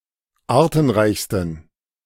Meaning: 1. superlative degree of artenreich 2. inflection of artenreich: strong genitive masculine/neuter singular superlative degree
- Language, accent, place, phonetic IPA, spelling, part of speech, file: German, Germany, Berlin, [ˈaːɐ̯tn̩ˌʁaɪ̯çstn̩], artenreichsten, adjective, De-artenreichsten.ogg